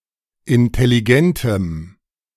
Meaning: strong dative masculine/neuter singular of intelligent
- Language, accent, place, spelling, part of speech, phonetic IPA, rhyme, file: German, Germany, Berlin, intelligentem, adjective, [ɪntɛliˈɡɛntəm], -ɛntəm, De-intelligentem.ogg